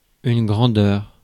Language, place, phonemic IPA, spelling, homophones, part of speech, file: French, Paris, /ɡʁɑ̃.dœʁ/, grandeur, grandeurs, noun, Fr-grandeur.ogg
- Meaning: 1. size 2. magnitude, quantity 3. magnitude 4. grandeur, greatness